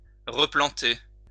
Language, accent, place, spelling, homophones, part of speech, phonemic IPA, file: French, France, Lyon, replanter, replantai / replanté / replantée / replantées / replantés / replantez, verb, /ʁə.plɑ̃.te/, LL-Q150 (fra)-replanter.wav
- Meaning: to replant